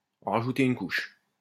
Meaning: to go one step further; to overdo it, to lay it on thick; to add insult to injury, to make things even worse
- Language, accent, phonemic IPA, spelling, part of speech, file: French, France, /ɑ̃ ʁa.ʒu.te yn kuʃ/, en rajouter une couche, verb, LL-Q150 (fra)-en rajouter une couche.wav